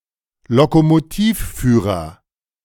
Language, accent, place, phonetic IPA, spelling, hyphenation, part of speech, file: German, Germany, Berlin, [lokomoˈtiːfˌfyːʁɐ], Lokomotivführer, Lo‧ko‧mo‧tiv‧füh‧rer, noun, De-Lokomotivführer.ogg
- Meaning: engineer (Canada and the US), engine driver (Britain), train driver (male or of unspecified gender)